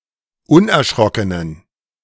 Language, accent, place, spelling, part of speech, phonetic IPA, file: German, Germany, Berlin, unerschrockenen, adjective, [ˈʊnʔɛɐ̯ˌʃʁɔkənən], De-unerschrockenen.ogg
- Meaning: inflection of unerschrocken: 1. strong genitive masculine/neuter singular 2. weak/mixed genitive/dative all-gender singular 3. strong/weak/mixed accusative masculine singular 4. strong dative plural